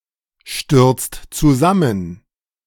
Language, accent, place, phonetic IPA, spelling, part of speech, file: German, Germany, Berlin, [ˌʃtʏʁt͡st t͡suˈzamən], stürzt zusammen, verb, De-stürzt zusammen.ogg
- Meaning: inflection of zusammenstürzen: 1. second-person singular/plural present 2. third-person singular present 3. plural imperative